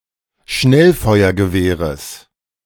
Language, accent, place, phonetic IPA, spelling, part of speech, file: German, Germany, Berlin, [ˈʃnɛlfɔɪ̯ɐɡəˌveːʁəs], Schnellfeuergewehres, noun, De-Schnellfeuergewehres.ogg
- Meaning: genitive singular of Schnellfeuergewehr